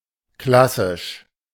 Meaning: classical
- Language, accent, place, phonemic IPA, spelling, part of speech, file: German, Germany, Berlin, /ˈklasɪʃ/, klassisch, adjective, De-klassisch.ogg